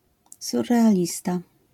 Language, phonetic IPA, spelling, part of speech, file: Polish, [ˌsurːɛaˈlʲista], surrealista, noun, LL-Q809 (pol)-surrealista.wav